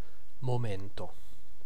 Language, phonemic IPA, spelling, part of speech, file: Italian, /moˈmento/, momento, noun, It-momento.ogg